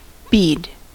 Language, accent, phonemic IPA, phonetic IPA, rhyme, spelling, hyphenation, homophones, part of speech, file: English, US, /ˈbiːd/, [ˈbɪi̯d], -iːd, bead, bead, Bede, noun / verb, En-us-bead.ogg
- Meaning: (noun) 1. Prayer, later especially with a rosary 2. Each in a string of small balls making up the rosary or paternoster